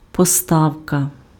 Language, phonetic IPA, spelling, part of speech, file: Ukrainian, [pɔˈstau̯kɐ], поставка, noun, Uk-поставка.ogg
- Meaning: supply, provision, delivery (act of making a resource available for use)